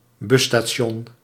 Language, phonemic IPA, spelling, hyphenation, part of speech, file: Dutch, /ˈbʏ.staːˌʃɔn/, busstation, bus‧sta‧ti‧on, noun, Nl-busstation.ogg
- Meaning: bus station